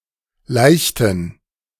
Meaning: inflection of laichen: 1. first/third-person plural preterite 2. first/third-person plural subjunctive II
- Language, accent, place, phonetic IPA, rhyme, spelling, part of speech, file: German, Germany, Berlin, [ˈlaɪ̯çtn̩], -aɪ̯çtn̩, laichten, verb, De-laichten.ogg